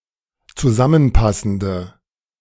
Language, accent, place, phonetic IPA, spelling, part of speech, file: German, Germany, Berlin, [t͡suˈzamənˌpasn̩də], zusammenpassende, adjective, De-zusammenpassende.ogg
- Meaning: inflection of zusammenpassend: 1. strong/mixed nominative/accusative feminine singular 2. strong nominative/accusative plural 3. weak nominative all-gender singular